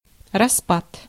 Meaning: 1. disintegration, breakup, collapse 2. decay, dissociation
- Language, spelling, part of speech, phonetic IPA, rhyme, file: Russian, распад, noun, [rɐˈspat], -at, Ru-распад.ogg